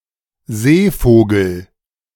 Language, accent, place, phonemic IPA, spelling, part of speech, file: German, Germany, Berlin, /ˈzeːˌfoːɡəl/, Seevogel, noun, De-Seevogel.ogg
- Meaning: A bird living near the sea and getting its food from the sea; seabird